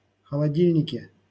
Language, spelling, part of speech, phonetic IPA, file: Russian, холодильнике, noun, [xəɫɐˈdʲilʲnʲɪkʲe], LL-Q7737 (rus)-холодильнике.wav
- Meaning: prepositional singular of холоди́льник (xolodílʹnik)